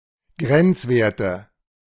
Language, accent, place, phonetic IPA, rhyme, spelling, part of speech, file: German, Germany, Berlin, [ˈɡʁɛnt͡sˌveːɐ̯tə], -ɛnt͡sveːɐ̯tə, Grenzwerte, noun, De-Grenzwerte.ogg
- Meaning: nominative/accusative/genitive plural of Grenzwert